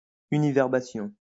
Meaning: univerbation
- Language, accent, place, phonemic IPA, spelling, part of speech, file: French, France, Lyon, /y.ni.vɛʁ.ba.sjɔ̃/, univerbation, noun, LL-Q150 (fra)-univerbation.wav